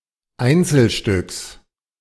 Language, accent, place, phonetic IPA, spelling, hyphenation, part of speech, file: German, Germany, Berlin, [ˈaɪ̯nt͡sl̩ˌʃtʏk], Einzelstück, Ein‧zel‧stück, noun, De-Einzelstück.ogg
- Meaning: unique specimen, single piece, individual piece